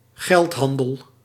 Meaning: money trade
- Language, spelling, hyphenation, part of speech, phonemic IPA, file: Dutch, geldhandel, geld‧han‧del, noun, /ˈɣɛltˌɦɑn.dəl/, Nl-geldhandel.ogg